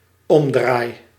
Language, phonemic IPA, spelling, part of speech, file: Dutch, /ˈɔmdraj/, omdraai, noun / verb, Nl-omdraai.ogg
- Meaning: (noun) the act of turning around, turning over, flipping; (verb) first-person singular dependent-clause present indicative of omdraaien